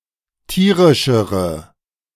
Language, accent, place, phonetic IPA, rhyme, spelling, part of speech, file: German, Germany, Berlin, [ˈtiːʁɪʃəʁə], -iːʁɪʃəʁə, tierischere, adjective, De-tierischere.ogg
- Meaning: inflection of tierisch: 1. strong/mixed nominative/accusative feminine singular comparative degree 2. strong nominative/accusative plural comparative degree